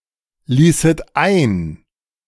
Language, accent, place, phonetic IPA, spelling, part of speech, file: German, Germany, Berlin, [ˌliːsət ˈaɪ̯n], ließet ein, verb, De-ließet ein.ogg
- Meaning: second-person plural subjunctive II of einlassen